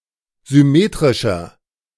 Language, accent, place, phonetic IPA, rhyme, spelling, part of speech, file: German, Germany, Berlin, [zʏˈmeːtʁɪʃɐ], -eːtʁɪʃɐ, symmetrischer, adjective, De-symmetrischer.ogg
- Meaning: 1. comparative degree of symmetrisch 2. inflection of symmetrisch: strong/mixed nominative masculine singular 3. inflection of symmetrisch: strong genitive/dative feminine singular